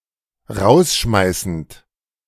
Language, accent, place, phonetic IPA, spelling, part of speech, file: German, Germany, Berlin, [ˈʁaʊ̯sˌʃmaɪ̯sn̩t], rausschmeißend, verb, De-rausschmeißend.ogg
- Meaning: present participle of rausschmeißen